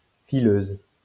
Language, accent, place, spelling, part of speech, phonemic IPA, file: French, France, Lyon, fileuse, noun, /fi.løz/, LL-Q150 (fra)-fileuse.wav
- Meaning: female equivalent of fileur